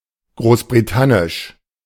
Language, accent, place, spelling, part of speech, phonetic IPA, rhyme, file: German, Germany, Berlin, großbritannisch, adjective, [ˌɡʁoːsbʁiˈtanɪʃ], -anɪʃ, De-großbritannisch.ogg
- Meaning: British